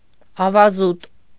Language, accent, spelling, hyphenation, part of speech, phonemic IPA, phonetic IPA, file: Armenian, Eastern Armenian, ավազուտ, ա‧վա‧զուտ, noun / adjective, /ɑvɑˈzut/, [ɑvɑzút], Hy-ավազուտ.ogg
- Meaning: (noun) sands, sandy terrain; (adjective) sandy